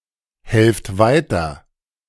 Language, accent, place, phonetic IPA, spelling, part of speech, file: German, Germany, Berlin, [ˌhɛlft ˈvaɪ̯tɐ], helft weiter, verb, De-helft weiter.ogg
- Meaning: inflection of weiterhelfen: 1. second-person plural present 2. plural imperative